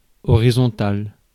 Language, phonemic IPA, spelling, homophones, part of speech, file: French, /ɔ.ʁi.zɔ̃.tal/, horizontal, horisontal / horisontale / horisontales / horizontale / horizontales, adjective, Fr-horizontal.ogg
- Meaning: horizontal